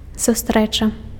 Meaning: 1. meeting 2. summit (gathering of leaders)
- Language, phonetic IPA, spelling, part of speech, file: Belarusian, [suˈstrɛt͡ʂa], сустрэча, noun, Be-сустрэча.ogg